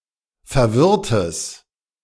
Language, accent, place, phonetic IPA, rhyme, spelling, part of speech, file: German, Germany, Berlin, [fɛɐ̯ˈvɪʁtəs], -ɪʁtəs, verwirrtes, adjective, De-verwirrtes.ogg
- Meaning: strong/mixed nominative/accusative neuter singular of verwirrt